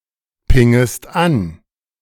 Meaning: second-person singular subjunctive I of anpingen
- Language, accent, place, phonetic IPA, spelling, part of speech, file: German, Germany, Berlin, [ˌpɪŋəst ˈan], pingest an, verb, De-pingest an.ogg